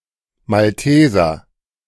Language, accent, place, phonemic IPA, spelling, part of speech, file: German, Germany, Berlin, /malˈteːzɐ/, Malteser, noun, De-Malteser.ogg
- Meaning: 1. Maltese (male or female inhabitant of Malta) 2. member of the Order [of the Knights] of Malta 3. Maltese (a small breed of dog)